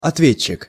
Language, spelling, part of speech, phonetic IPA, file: Russian, ответчик, noun, [ɐtˈvʲet͡ɕːɪk], Ru-ответчик.ogg
- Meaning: defendant, the accused, respondent